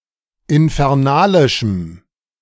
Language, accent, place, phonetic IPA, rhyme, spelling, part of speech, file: German, Germany, Berlin, [ɪnfɛʁˈnaːlɪʃm̩], -aːlɪʃm̩, infernalischem, adjective, De-infernalischem.ogg
- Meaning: strong dative masculine/neuter singular of infernalisch